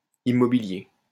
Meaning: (adjective) 1. real, in the sense of "tangible and immovable" 2. Pertaining to real estate; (noun) real estate, real property
- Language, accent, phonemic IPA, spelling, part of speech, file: French, France, /i.mɔ.bi.lje/, immobilier, adjective / noun, LL-Q150 (fra)-immobilier.wav